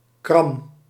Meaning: 1. staple (U-shaped metal fastener to bind materials together, for example to attach fence wire to posts) 2. surgical staple
- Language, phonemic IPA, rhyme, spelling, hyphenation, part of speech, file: Dutch, /krɑm/, -ɑm, kram, kram, noun, Nl-kram.ogg